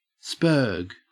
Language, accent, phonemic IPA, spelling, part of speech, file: English, Australia, /spɜːɡ/, sperg, noun / verb, En-au-sperg.ogg
- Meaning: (noun) 1. A person with Asperger's syndrome; an Aspergerian 2. A person who displays awkward, pedantic, or obsessive behavior that is associated with Asperger's syndrome